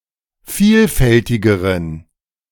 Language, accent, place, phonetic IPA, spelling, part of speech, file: German, Germany, Berlin, [ˈfiːlˌfɛltɪɡəʁən], vielfältigeren, adjective, De-vielfältigeren.ogg
- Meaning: inflection of vielfältig: 1. strong genitive masculine/neuter singular comparative degree 2. weak/mixed genitive/dative all-gender singular comparative degree